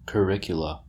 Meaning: plural of curriculum
- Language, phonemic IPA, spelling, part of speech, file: English, /kəˈɹɪk.jə.lə/, curricula, noun, En-us-curricula.oga